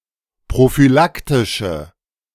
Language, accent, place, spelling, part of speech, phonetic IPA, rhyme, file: German, Germany, Berlin, prophylaktische, adjective, [pʁofyˈlaktɪʃə], -aktɪʃə, De-prophylaktische.ogg
- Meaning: inflection of prophylaktisch: 1. strong/mixed nominative/accusative feminine singular 2. strong nominative/accusative plural 3. weak nominative all-gender singular